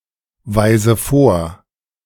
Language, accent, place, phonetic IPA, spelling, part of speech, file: German, Germany, Berlin, [ˌvaɪ̯zə ˈfoːɐ̯], weise vor, verb, De-weise vor.ogg
- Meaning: inflection of vorweisen: 1. first-person singular present 2. first/third-person singular subjunctive I 3. singular imperative